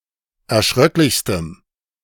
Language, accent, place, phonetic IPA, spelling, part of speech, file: German, Germany, Berlin, [ɛɐ̯ˈʃʁœklɪçstəm], erschröcklichstem, adjective, De-erschröcklichstem.ogg
- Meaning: strong dative masculine/neuter singular superlative degree of erschröcklich